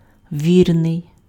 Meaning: 1. true, faithful, loyal 2. sure, reliable 3. true, right, correct, accurate
- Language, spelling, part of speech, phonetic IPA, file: Ukrainian, вірний, adjective, [ˈʋʲirnei̯], Uk-вірний.ogg